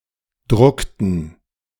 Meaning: inflection of drucken: 1. first/third-person plural preterite 2. first/third-person plural subjunctive II
- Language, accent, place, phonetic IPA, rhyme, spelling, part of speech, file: German, Germany, Berlin, [ˈdʁʊktn̩], -ʊktn̩, druckten, verb, De-druckten.ogg